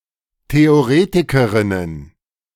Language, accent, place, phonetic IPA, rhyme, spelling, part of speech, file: German, Germany, Berlin, [teoˈʁeːtɪkəʁɪnən], -eːtɪkəʁɪnən, Theoretikerinnen, noun, De-Theoretikerinnen.ogg
- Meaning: plural of Theoretikerin